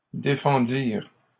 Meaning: third-person plural past historic of défendre
- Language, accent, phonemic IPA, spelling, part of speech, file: French, Canada, /de.fɑ̃.diʁ/, défendirent, verb, LL-Q150 (fra)-défendirent.wav